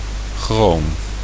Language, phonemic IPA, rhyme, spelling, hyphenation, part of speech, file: Dutch, /xroːm/, -oːm, chroom, chroom, noun, Nl-chroom.ogg
- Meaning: chromium